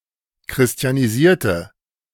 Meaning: inflection of christianisieren: 1. first/third-person singular preterite 2. first/third-person singular subjunctive II
- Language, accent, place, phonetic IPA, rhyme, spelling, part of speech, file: German, Germany, Berlin, [kʁɪsti̯aniˈziːɐ̯tə], -iːɐ̯tə, christianisierte, adjective / verb, De-christianisierte.ogg